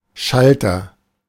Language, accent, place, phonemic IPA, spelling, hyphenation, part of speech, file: German, Germany, Berlin, /ˈʃaltɐ/, Schalter, Schal‧ter, noun, De-Schalter.ogg
- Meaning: agent noun of schalten: 1. switch (device to turn electric current on and off or direct its flow) 2. information window, ticket window, box office (staffed cabin)